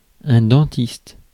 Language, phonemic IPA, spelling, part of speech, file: French, /dɑ̃.tist/, dentiste, noun, Fr-dentiste.ogg
- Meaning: dentist